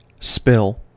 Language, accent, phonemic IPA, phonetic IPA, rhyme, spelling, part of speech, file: English, US, /spɪl/, [spɪɫ], -ɪl, spill, verb / noun, En-us-spill.ogg
- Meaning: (verb) 1. To drop something so that it spreads out or makes a mess; to accidentally pour 2. To spread out or fall out, as above 3. To overflow out of a designated area